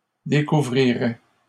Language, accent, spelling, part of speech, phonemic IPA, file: French, Canada, découvrirais, verb, /de.ku.vʁi.ʁɛ/, LL-Q150 (fra)-découvrirais.wav
- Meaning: first/second-person singular conditional of découvrir